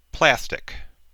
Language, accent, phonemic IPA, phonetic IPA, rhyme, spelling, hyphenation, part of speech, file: English, US, /ˈplæstɪk/, [ˈpʰlæstɪk], -æstɪk, plastic, plas‧tic, noun / adjective, En-us-plastic.ogg
- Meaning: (noun) 1. A synthetic, solid, hydrocarbon-based polymer, whether thermoplastic or thermosetting 2. Credit or debit cards used in place of cash to buy goods and services 3. Insincerity; fakeness